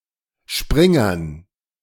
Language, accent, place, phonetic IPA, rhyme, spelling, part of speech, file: German, Germany, Berlin, [ˈʃpʁɪŋɐn], -ɪŋɐn, Springern, noun, De-Springern.ogg
- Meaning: dative plural of Springer